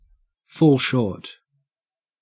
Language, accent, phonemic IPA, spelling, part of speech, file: English, Australia, /foːl ʃoːt/, fall short, verb, En-au-fall short.ogg
- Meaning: To be less satisfactory than expected; to be inadequate or insufficient